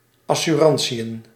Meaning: plural of assurantie
- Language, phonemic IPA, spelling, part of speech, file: Dutch, /ˌɑsyˈrɑn(t)sijə(n)/, assurantiën, noun, Nl-assurantiën.ogg